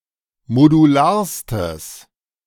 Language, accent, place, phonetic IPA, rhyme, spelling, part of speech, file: German, Germany, Berlin, [moduˈlaːɐ̯stəs], -aːɐ̯stəs, modularstes, adjective, De-modularstes.ogg
- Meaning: strong/mixed nominative/accusative neuter singular superlative degree of modular